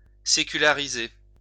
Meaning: to secularize
- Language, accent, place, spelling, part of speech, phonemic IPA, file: French, France, Lyon, séculariser, verb, /se.ky.la.ʁi.ze/, LL-Q150 (fra)-séculariser.wav